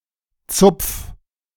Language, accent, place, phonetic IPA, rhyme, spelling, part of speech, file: German, Germany, Berlin, [t͡sʊp͡f], -ʊp͡f, zupf, verb, De-zupf.ogg
- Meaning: 1. singular imperative of zupfen 2. first-person singular present of zupfen